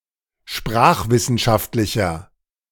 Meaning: inflection of sprachwissenschaftlich: 1. strong/mixed nominative masculine singular 2. strong genitive/dative feminine singular 3. strong genitive plural
- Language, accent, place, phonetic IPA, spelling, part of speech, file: German, Germany, Berlin, [ˈʃpʁaːxvɪsn̩ˌʃaftlɪçɐ], sprachwissenschaftlicher, adjective, De-sprachwissenschaftlicher.ogg